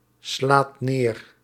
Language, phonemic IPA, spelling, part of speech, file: Dutch, /ˈslat ˈner/, slaat neer, verb, Nl-slaat neer.ogg
- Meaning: inflection of neerslaan: 1. second/third-person singular present indicative 2. plural imperative